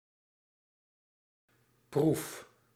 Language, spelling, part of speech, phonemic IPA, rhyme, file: Dutch, proef, noun / verb, /pruf/, -uf, Nl-proef.ogg
- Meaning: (noun) 1. test, exam 2. trial, experiment; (verb) inflection of proeven: 1. first-person singular present indicative 2. second-person singular present indicative 3. imperative